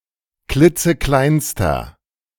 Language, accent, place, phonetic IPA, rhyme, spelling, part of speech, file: German, Germany, Berlin, [ˈklɪt͡səˈklaɪ̯nstɐ], -aɪ̯nstɐ, klitzekleinster, adjective, De-klitzekleinster.ogg
- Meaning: inflection of klitzeklein: 1. strong/mixed nominative masculine singular superlative degree 2. strong genitive/dative feminine singular superlative degree 3. strong genitive plural superlative degree